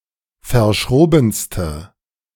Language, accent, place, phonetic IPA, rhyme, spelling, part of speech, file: German, Germany, Berlin, [fɐˈʃʁoːbn̩stə], -oːbn̩stə, verschrobenste, adjective, De-verschrobenste.ogg
- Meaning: inflection of verschroben: 1. strong/mixed nominative/accusative feminine singular superlative degree 2. strong nominative/accusative plural superlative degree